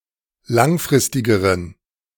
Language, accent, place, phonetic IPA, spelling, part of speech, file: German, Germany, Berlin, [ˈlaŋˌfʁɪstɪɡəʁən], langfristigeren, adjective, De-langfristigeren.ogg
- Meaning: inflection of langfristig: 1. strong genitive masculine/neuter singular comparative degree 2. weak/mixed genitive/dative all-gender singular comparative degree